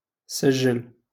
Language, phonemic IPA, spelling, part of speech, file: Moroccan Arabic, /saʒ.ʒal/, سجل, verb, LL-Q56426 (ary)-سجل.wav
- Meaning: 1. to record 2. to register